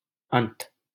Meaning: 1. ending, conclusion 2. outcome, result 3. destruction, annihilation 4. death 5. border, limit
- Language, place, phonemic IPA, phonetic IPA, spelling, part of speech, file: Hindi, Delhi, /ənt̪/, [ɐ̃n̪t̪], अंत, noun, LL-Q1568 (hin)-अंत.wav